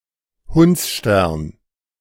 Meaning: Sirius, Canicula
- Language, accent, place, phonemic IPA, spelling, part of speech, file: German, Germany, Berlin, /ˈhʊntsʃtɛɐ̯n/, Hundsstern, proper noun, De-Hundsstern.ogg